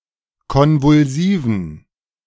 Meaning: inflection of konvulsiv: 1. strong genitive masculine/neuter singular 2. weak/mixed genitive/dative all-gender singular 3. strong/weak/mixed accusative masculine singular 4. strong dative plural
- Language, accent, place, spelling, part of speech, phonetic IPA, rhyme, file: German, Germany, Berlin, konvulsiven, adjective, [ˌkɔnvʊlˈziːvn̩], -iːvn̩, De-konvulsiven.ogg